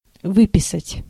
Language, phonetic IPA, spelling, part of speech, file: Russian, [ˈvɨpʲɪsətʲ], выписать, verb, Ru-выписать.ogg
- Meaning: 1. to sign out 2. to subscribe (e.g. to a magazine) 3. to write, to write out, to write down 4. to copy 5. to prescribe 6. to discharge (from hospital) 7. to take out 8. to draw out, to draw